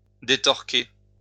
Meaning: to distort, to misrepresent
- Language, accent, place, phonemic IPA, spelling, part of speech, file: French, France, Lyon, /de.tɔʁ.ke/, détorquer, verb, LL-Q150 (fra)-détorquer.wav